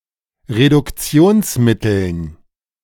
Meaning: dative plural of Reduktionsmittel
- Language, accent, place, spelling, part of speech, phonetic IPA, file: German, Germany, Berlin, Reduktionsmitteln, noun, [ʁedʊkˈt͡si̯oːnsˌmɪtl̩n], De-Reduktionsmitteln.ogg